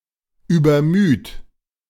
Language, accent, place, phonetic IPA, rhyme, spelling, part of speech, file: German, Germany, Berlin, [yːbɐˈmyːt], -yːt, übermüd, verb, De-übermüd.ogg
- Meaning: alternative form of übermüde